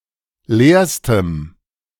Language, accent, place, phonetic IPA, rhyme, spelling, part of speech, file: German, Germany, Berlin, [ˈleːɐ̯stəm], -eːɐ̯stəm, leerstem, adjective, De-leerstem.ogg
- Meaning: strong dative masculine/neuter singular superlative degree of leer